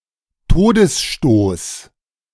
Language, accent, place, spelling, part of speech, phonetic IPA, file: German, Germany, Berlin, Todesstoß, noun, [ˈtoːdəsˌʃtoːs], De-Todesstoß.ogg
- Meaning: deathblow